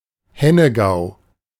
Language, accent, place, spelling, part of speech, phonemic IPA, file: German, Germany, Berlin, Hennegau, proper noun, /ˈhɛnəɡaʊ̯/, De-Hennegau.ogg
- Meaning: Hainaut (a province of Belgium)